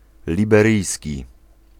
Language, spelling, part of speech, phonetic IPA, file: Polish, liberyjski, adjective, [ˌlʲibɛˈrɨjsʲci], Pl-liberyjski.ogg